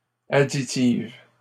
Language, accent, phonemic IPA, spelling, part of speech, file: French, Canada, /a.di.tiv/, additive, adjective, LL-Q150 (fra)-additive.wav
- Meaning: feminine singular of additif